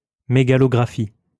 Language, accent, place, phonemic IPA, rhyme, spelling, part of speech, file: French, France, Lyon, /mə.ɡa.lɔ.ɡʁa.fi/, -i, mégalographie, noun, LL-Q150 (fra)-mégalographie.wav
- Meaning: megalography